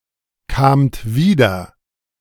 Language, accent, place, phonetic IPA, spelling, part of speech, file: German, Germany, Berlin, [ˌkaːmt ˈviːdɐ], kamt wieder, verb, De-kamt wieder.ogg
- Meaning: second-person plural preterite of wiederkommen